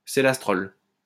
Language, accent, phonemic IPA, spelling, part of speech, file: French, France, /se.las.tʁɔl/, célastrol, noun, LL-Q150 (fra)-célastrol.wav
- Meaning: celastrol